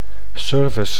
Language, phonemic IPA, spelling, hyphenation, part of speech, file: Dutch, /ˈsʏːrvɪs/, service, ser‧vice, noun / verb, Nl-service.ogg
- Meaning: 1. service 2. after-sales